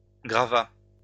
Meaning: third-person singular past historic of graver
- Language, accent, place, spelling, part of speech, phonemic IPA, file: French, France, Lyon, grava, verb, /ɡʁa.va/, LL-Q150 (fra)-grava.wav